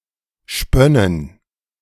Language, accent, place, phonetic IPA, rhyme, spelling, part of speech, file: German, Germany, Berlin, [ˈʃpœnən], -œnən, spönnen, verb, De-spönnen.ogg
- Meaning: first/third-person plural subjunctive II of spinnen